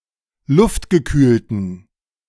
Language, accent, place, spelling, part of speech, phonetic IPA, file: German, Germany, Berlin, luftgekühlten, adjective, [ˈlʊftɡəˌkyːltən], De-luftgekühlten.ogg
- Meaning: inflection of luftgekühlt: 1. strong genitive masculine/neuter singular 2. weak/mixed genitive/dative all-gender singular 3. strong/weak/mixed accusative masculine singular 4. strong dative plural